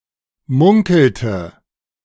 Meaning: inflection of munkeln: 1. first/third-person singular preterite 2. first/third-person singular subjunctive II
- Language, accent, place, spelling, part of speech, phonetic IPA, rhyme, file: German, Germany, Berlin, munkelte, verb, [ˈmʊŋkl̩tə], -ʊŋkl̩tə, De-munkelte.ogg